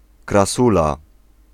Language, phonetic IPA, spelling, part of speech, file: Polish, [kraˈsula], krasula, noun, Pl-krasula.ogg